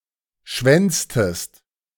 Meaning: inflection of schwänzen: 1. second-person singular preterite 2. second-person singular subjunctive II
- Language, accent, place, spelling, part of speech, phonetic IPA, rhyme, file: German, Germany, Berlin, schwänztest, verb, [ˈʃvɛnt͡stəst], -ɛnt͡stəst, De-schwänztest.ogg